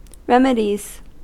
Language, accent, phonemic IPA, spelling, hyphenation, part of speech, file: English, US, /ˈɹɛmədiz/, remedies, rem‧e‧dies, noun / verb, En-us-remedies.ogg
- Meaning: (noun) plural of remedy; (verb) third-person singular simple present indicative of remedy